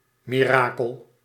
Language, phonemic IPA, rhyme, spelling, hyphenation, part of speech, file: Dutch, /ˌmiˈraː.kəl/, -aːkəl, mirakel, mi‧ra‧kel, noun, Nl-mirakel.ogg
- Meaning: miracle